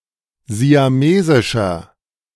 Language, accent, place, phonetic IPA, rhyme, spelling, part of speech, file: German, Germany, Berlin, [zi̯aˈmeːzɪʃɐ], -eːzɪʃɐ, siamesischer, adjective, De-siamesischer.ogg
- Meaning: inflection of siamesisch: 1. strong/mixed nominative masculine singular 2. strong genitive/dative feminine singular 3. strong genitive plural